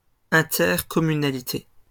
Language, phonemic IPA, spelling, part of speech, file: French, /ɛ̃.tɛʁ.kɔ.my.na.li.te/, intercommunalité, noun, LL-Q150 (fra)-intercommunalité.wav
- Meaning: intercommunality (region of France)